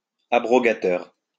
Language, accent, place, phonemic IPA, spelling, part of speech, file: French, France, Lyon, /a.bʁɔ.ɡa.tœʁ/, abrogateur, adjective / noun, LL-Q150 (fra)-abrogateur.wav
- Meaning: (adjective) abrogative; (noun) abrogator